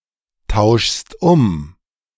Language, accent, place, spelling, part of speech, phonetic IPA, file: German, Germany, Berlin, tauschst um, verb, [ˌtaʊ̯ʃst ˈʊm], De-tauschst um.ogg
- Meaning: second-person singular present of umtauschen